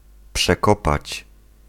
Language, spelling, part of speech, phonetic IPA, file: Polish, przekopać, verb, [pʃɛˈkɔpat͡ɕ], Pl-przekopać.ogg